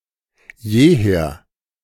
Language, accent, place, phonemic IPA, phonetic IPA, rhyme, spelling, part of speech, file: German, Germany, Berlin, /ˈjeːˌheːɐ̯/, [ˈjeːˌheːɐ̯], -eːɐ̯, jeher, adverb, De-jeher.ogg
- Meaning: always